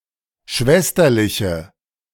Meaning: inflection of schwesterlich: 1. strong/mixed nominative/accusative feminine singular 2. strong nominative/accusative plural 3. weak nominative all-gender singular
- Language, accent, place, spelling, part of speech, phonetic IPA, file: German, Germany, Berlin, schwesterliche, adjective, [ˈʃvɛstɐlɪçə], De-schwesterliche.ogg